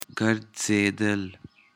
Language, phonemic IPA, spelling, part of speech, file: Pashto, /ɡər.d͡ze.d̪əˈl/, ګرځېدل, verb, ګرځېدل.ogg
- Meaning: 1. of ګرځول 2. to walk